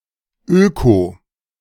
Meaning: eco-
- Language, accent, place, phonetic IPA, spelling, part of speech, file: German, Germany, Berlin, [øko], öko-, prefix, De-öko-.ogg